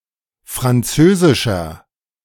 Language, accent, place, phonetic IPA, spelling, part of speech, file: German, Germany, Berlin, [fʁanˈt͡søːzɪʃɐ], französischer, adjective, De-französischer.ogg
- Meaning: inflection of französisch: 1. strong/mixed nominative masculine singular 2. strong genitive/dative feminine singular 3. strong genitive plural